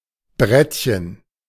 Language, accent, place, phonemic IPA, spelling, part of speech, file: German, Germany, Berlin, /ˈbʁɛtçən/, Brettchen, noun, De-Brettchen.ogg
- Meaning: diminutive of Brett